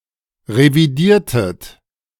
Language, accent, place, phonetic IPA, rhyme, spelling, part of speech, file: German, Germany, Berlin, [ʁeviˈdiːɐ̯tət], -iːɐ̯tət, revidiertet, verb, De-revidiertet.ogg
- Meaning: inflection of revidieren: 1. second-person plural preterite 2. second-person plural subjunctive II